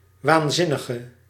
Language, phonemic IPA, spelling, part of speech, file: Dutch, /wanˈzɪnəɣə/, waanzinnige, noun / adjective, Nl-waanzinnige.ogg
- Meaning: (adjective) inflection of waanzinnig: 1. masculine/feminine singular attributive 2. definite neuter singular attributive 3. plural attributive; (noun) madman, crazy person